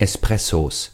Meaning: plural of Espresso
- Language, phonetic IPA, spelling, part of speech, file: German, [ˌɛsˈpʁɛsos], Espressos, noun, De-Espressos.ogg